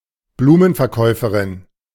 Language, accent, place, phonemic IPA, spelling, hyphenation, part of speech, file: German, Germany, Berlin, /bluːmən.fɛɐ̯ˌkɔɪ̯fɐrɪn/, Blumenverkäuferin, Blu‧men‧ver‧käu‧fe‧rin, noun, De-Blumenverkäuferin.ogg
- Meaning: 1. flower seller, flowergirl (a female person who sells flowers) 2. florist (female)